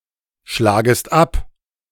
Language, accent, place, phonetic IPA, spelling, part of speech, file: German, Germany, Berlin, [ˌʃlaːɡəst ˈap], schlagest ab, verb, De-schlagest ab.ogg
- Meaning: second-person singular subjunctive I of abschlagen